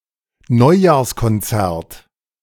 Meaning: New Year's Concert (musical event)
- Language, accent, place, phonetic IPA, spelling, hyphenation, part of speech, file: German, Germany, Berlin, [ˈnɔɪ̯jaːɐ̯skɔnˌt͡sɛɐ̯t], Neujahrskonzert, Neu‧jahrs‧kon‧zert, noun, De-Neujahrskonzert.ogg